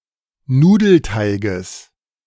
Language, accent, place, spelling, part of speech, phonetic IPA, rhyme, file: German, Germany, Berlin, Nudelteiges, noun, [ˈnuːdl̩ˌtaɪ̯ɡəs], -uːdl̩taɪ̯ɡəs, De-Nudelteiges.ogg
- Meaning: genitive singular of Nudelteig